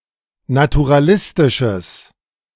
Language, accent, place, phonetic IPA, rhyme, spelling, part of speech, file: German, Germany, Berlin, [natuʁaˈlɪstɪʃəs], -ɪstɪʃəs, naturalistisches, adjective, De-naturalistisches.ogg
- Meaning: strong/mixed nominative/accusative neuter singular of naturalistisch